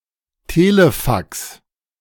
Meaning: fax
- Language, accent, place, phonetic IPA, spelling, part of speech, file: German, Germany, Berlin, [ˈteːləˌfaks], Telefax, noun, De-Telefax.ogg